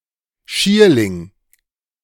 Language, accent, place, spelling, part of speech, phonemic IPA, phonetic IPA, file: German, Germany, Berlin, Schierling, noun, /ˈʃiːrlɪŋ/, [ˈʃi(ː)ɐ̯.lɪŋ(k)], De-Schierling.ogg
- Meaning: hemlock (poisonous plant)